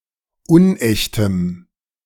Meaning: strong dative masculine/neuter singular of unecht
- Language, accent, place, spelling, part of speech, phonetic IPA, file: German, Germany, Berlin, unechtem, adjective, [ˈʊnˌʔɛçtəm], De-unechtem.ogg